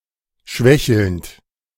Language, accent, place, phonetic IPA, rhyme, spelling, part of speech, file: German, Germany, Berlin, [ˈʃvɛçl̩nt], -ɛçl̩nt, schwächelnd, verb, De-schwächelnd.ogg
- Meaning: present participle of schwächeln